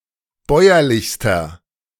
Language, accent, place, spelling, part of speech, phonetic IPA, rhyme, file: German, Germany, Berlin, bäuerlichster, adjective, [ˈbɔɪ̯ɐlɪçstɐ], -ɔɪ̯ɐlɪçstɐ, De-bäuerlichster.ogg
- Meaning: inflection of bäuerlich: 1. strong/mixed nominative masculine singular superlative degree 2. strong genitive/dative feminine singular superlative degree 3. strong genitive plural superlative degree